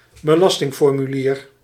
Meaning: tax form
- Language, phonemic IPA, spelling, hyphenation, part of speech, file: Dutch, /bəˈlɑs.tɪŋ.fɔr.myˌliːr/, belastingformulier, be‧las‧ting‧for‧mu‧lier, noun, Nl-belastingformulier.ogg